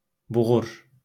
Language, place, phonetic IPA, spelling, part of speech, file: Azerbaijani, Baku, [buˈɣur], buğur, noun / adjective, LL-Q9292 (aze)-buğur.wav
- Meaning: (noun) young male of a camel; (adjective) big, massive, large, bulky, fat